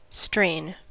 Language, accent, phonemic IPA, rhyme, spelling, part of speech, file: English, US, /stɹeɪn/, -eɪn, strain, noun / verb, En-us-strain.ogg
- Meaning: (noun) 1. Race; lineage, pedigree 2. A particular variety of a microbe, virus, or other organism, usually a taxonomically infraspecific one 3. Hereditary character, quality, tendency, or disposition